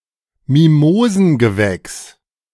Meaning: mimosaceous plant (any plant of the Mimosoideae subfamily)
- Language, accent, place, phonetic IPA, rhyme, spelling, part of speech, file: German, Germany, Berlin, [miˈmoːzn̩ɡəˌvɛks], -oːzn̩ɡəvɛks, Mimosengewächs, noun, De-Mimosengewächs.ogg